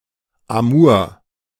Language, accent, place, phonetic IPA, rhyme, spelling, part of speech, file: German, Germany, Berlin, [aˈmuːɐ̯], -uːɐ̯, Amur, proper noun, De-Amur.ogg
- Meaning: Amur (long river forming the border between the Far East of Russia and Northeastern China)